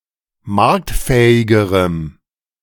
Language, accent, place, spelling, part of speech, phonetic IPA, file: German, Germany, Berlin, marktfähigerem, adjective, [ˈmaʁktˌfɛːɪɡəʁəm], De-marktfähigerem.ogg
- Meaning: strong dative masculine/neuter singular comparative degree of marktfähig